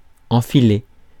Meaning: 1. to thread (a needle) 2. to string, to sling (put on a string or sling) 3. to put on (clothes) 4. to hump, to screw
- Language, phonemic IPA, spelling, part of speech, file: French, /ɑ̃.fi.le/, enfiler, verb, Fr-enfiler.ogg